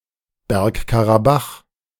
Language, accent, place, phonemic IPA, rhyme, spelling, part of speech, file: German, Germany, Berlin, /ˈbɛrk.ka.raˌbax/, -ax, Bergkarabach, proper noun, De-Bergkarabach.ogg
- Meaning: 1. Nagorno-Karabakh (a region of the South Caucasus) 2. Nagorno-Karabakh Republic (de-facto independent country, internationally recognized as part of Azerbaijan)